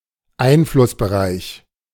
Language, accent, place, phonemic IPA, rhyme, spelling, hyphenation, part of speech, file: German, Germany, Berlin, /ˈaɪ̯nflʊsbəˌʁaɪ̯ç/, -aɪ̯ç, Einflussbereich, Ein‧fluss‧be‧reich, noun, De-Einflussbereich.ogg
- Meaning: sphere of influence